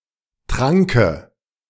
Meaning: dative of Trank
- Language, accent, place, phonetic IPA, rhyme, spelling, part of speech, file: German, Germany, Berlin, [ˈtʁaŋkə], -aŋkə, Tranke, noun, De-Tranke.ogg